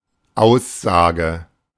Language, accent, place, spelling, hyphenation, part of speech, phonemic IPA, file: German, Germany, Berlin, Aussage, Aus‧sa‧ge, noun, /ˈaʊ̯sˌzaːɡə/, De-Aussage.ogg
- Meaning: 1. proposition 2. statement, claim